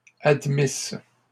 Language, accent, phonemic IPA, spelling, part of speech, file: French, Canada, /ad.mis/, admisses, verb, LL-Q150 (fra)-admisses.wav
- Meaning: second-person singular imperfect subjunctive of admettre